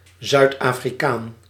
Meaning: South African, person from South Africa
- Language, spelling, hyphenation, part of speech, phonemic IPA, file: Dutch, Zuid-Afrikaan, Zuid-Afri‧kaan, noun, /ˌzœy̯t.aː.friˈkaːn/, Nl-Zuid-Afrikaan.ogg